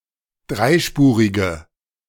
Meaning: inflection of dreispurig: 1. strong/mixed nominative/accusative feminine singular 2. strong nominative/accusative plural 3. weak nominative all-gender singular
- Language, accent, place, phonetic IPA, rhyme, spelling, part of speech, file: German, Germany, Berlin, [ˈdʁaɪ̯ˌʃpuːʁɪɡə], -aɪ̯ʃpuːʁɪɡə, dreispurige, adjective, De-dreispurige.ogg